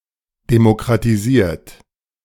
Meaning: 1. past participle of demokratisieren 2. inflection of demokratisieren: third-person singular present 3. inflection of demokratisieren: second-person plural present
- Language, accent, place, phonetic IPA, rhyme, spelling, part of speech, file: German, Germany, Berlin, [demokʁatiˈziːɐ̯t], -iːɐ̯t, demokratisiert, verb, De-demokratisiert.ogg